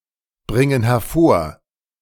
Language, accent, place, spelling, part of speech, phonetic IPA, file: German, Germany, Berlin, bringen hervor, verb, [ˌbʁɪŋən hɛɐ̯ˈfoːɐ̯], De-bringen hervor.ogg
- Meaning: inflection of hervorbringen: 1. first/third-person plural present 2. first/third-person plural subjunctive I